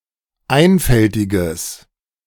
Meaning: strong/mixed nominative/accusative neuter singular of einfältig
- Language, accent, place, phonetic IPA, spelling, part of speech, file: German, Germany, Berlin, [ˈaɪ̯nfɛltɪɡəs], einfältiges, adjective, De-einfältiges.ogg